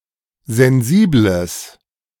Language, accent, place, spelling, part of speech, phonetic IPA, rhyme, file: German, Germany, Berlin, sensibles, adjective, [zɛnˈziːbləs], -iːbləs, De-sensibles.ogg
- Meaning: strong/mixed nominative/accusative neuter singular of sensibel